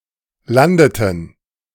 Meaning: inflection of landen: 1. first/third-person plural preterite 2. first/third-person plural subjunctive II
- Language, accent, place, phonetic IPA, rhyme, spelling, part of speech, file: German, Germany, Berlin, [ˈlandətn̩], -andətn̩, landeten, verb, De-landeten.ogg